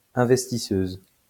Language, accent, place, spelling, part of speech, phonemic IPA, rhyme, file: French, France, Lyon, investisseuse, noun, /ɛ̃.vɛs.ti.søz/, -øz, LL-Q150 (fra)-investisseuse.wav
- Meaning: female equivalent of investisseur